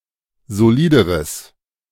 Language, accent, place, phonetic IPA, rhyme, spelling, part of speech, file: German, Germany, Berlin, [zoˈliːdəʁəs], -iːdəʁəs, solideres, adjective, De-solideres.ogg
- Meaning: strong/mixed nominative/accusative neuter singular comparative degree of solid